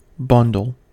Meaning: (noun) 1. A group of objects held together by wrapping or tying 2. A package wrapped or tied up for carrying 3. A group of products or services sold together as a unit
- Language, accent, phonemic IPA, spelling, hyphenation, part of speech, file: English, US, /ˈbʌn.dl̩/, bundle, bun‧dle, noun / verb, En-us-bundle.ogg